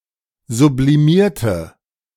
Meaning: inflection of sublimieren: 1. first/third-person singular preterite 2. first/third-person singular subjunctive II
- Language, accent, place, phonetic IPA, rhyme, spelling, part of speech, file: German, Germany, Berlin, [zubliˈmiːɐ̯tə], -iːɐ̯tə, sublimierte, adjective / verb, De-sublimierte.ogg